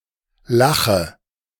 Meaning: inflection of lachen: 1. first-person singular present 2. first/third-person singular subjunctive I 3. singular imperative
- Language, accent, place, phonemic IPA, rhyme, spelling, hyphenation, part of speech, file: German, Germany, Berlin, /ˈlaχə/, -aχə, lache, la‧che, verb, De-lache.ogg